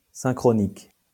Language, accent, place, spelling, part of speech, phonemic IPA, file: French, France, Lyon, synchronique, adjective, /sɛ̃.kʁɔ.nik/, LL-Q150 (fra)-synchronique.wav
- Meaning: synchronic